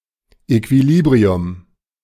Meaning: balance, equilibrium
- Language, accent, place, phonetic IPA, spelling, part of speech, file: German, Germany, Berlin, [ekviˈliːbʁiʊm], Equilibrium, noun, De-Equilibrium.ogg